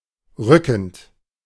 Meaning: present participle of rücken
- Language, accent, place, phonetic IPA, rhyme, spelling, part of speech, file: German, Germany, Berlin, [ˈʁʏkn̩t], -ʏkn̩t, rückend, verb, De-rückend.ogg